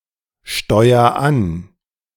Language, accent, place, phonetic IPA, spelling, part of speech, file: German, Germany, Berlin, [ˌʃtɔɪ̯ɐ ˈan], steuer an, verb, De-steuer an.ogg
- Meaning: inflection of ansteuern: 1. first-person singular present 2. singular imperative